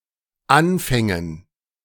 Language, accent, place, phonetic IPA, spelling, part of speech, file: German, Germany, Berlin, [ˈanfɛŋən], Anfängen, noun, De-Anfängen.ogg
- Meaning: dative plural of Anfang